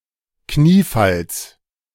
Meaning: genitive of Kniefall
- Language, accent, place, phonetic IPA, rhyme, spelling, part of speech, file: German, Germany, Berlin, [ˈkniːˌfals], -iːfals, Kniefalls, noun, De-Kniefalls.ogg